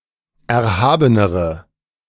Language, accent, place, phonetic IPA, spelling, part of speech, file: German, Germany, Berlin, [ˌɛɐ̯ˈhaːbənəʁə], erhabenere, adjective, De-erhabenere.ogg
- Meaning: inflection of erhaben: 1. strong/mixed nominative/accusative feminine singular comparative degree 2. strong nominative/accusative plural comparative degree